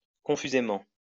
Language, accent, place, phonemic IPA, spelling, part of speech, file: French, France, Lyon, /kɔ̃.fy.ze.mɑ̃/, confusément, adverb, LL-Q150 (fra)-confusément.wav
- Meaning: confusedly, uncertainly